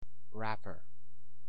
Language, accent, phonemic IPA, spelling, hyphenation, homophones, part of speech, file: English, US, /ˈɹæpɚ/, wrapper, wrap‧per, rapper, noun, En-us-wrapper.ogg
- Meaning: 1. Something that is wrapped around something else as a cover or protection: a wrapping 2. An outer garment; a loose robe or dressing gown 3. One who, or that which, wraps